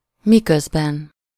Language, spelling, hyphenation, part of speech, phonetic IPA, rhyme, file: Hungarian, miközben, mi‧köz‧ben, conjunction, [ˈmikøzbɛn], -ɛn, Hu-miközben.ogg
- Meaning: while, whilst